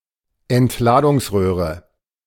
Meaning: discharge tube
- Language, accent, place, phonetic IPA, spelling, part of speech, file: German, Germany, Berlin, [ɛntˈlaːdʊŋsˌʁøːʁə], Entladungsröhre, noun, De-Entladungsröhre.ogg